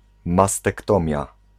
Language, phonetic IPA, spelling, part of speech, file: Polish, [ˌmastɛkˈtɔ̃mʲja], mastektomia, noun, Pl-mastektomia.ogg